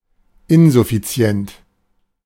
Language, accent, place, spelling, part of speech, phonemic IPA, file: German, Germany, Berlin, insuffizient, adjective, /ˈɪnzʊfit͡si̯ɛnt/, De-insuffizient.ogg
- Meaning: insufficient